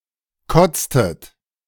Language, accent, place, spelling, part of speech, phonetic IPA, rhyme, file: German, Germany, Berlin, kotztet, verb, [ˈkɔt͡stət], -ɔt͡stət, De-kotztet.ogg
- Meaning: inflection of kotzen: 1. second-person plural preterite 2. second-person plural subjunctive II